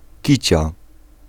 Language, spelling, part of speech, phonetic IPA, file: Polish, kicia, noun, [ˈcit͡ɕa], Pl-kicia.ogg